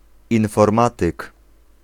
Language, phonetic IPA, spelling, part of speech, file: Polish, [ˌĩnfɔrˈmatɨk], informatyk, noun, Pl-informatyk.ogg